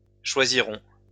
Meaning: first-person plural future of choisir
- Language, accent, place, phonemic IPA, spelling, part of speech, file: French, France, Lyon, /ʃwa.zi.ʁɔ̃/, choisirons, verb, LL-Q150 (fra)-choisirons.wav